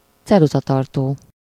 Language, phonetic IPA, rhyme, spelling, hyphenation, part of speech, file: Hungarian, [ˈt͡sɛruzɒtɒrtoː], -toː, ceruzatartó, ce‧ru‧za‧tar‧tó, noun, Hu-ceruzatartó.ogg
- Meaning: pencil case, pencil box (a container for stationery such as pencils, rubber, etc.)